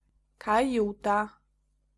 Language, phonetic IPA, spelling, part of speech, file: Polish, [kaˈjuta], kajuta, noun, Pl-kajuta.ogg